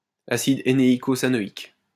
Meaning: heneicosanoic acid
- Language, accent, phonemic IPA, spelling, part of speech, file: French, France, /a.sid e.ne.i.ko.za.nɔ.ik/, acide hénéicosanoïque, noun, LL-Q150 (fra)-acide hénéicosanoïque.wav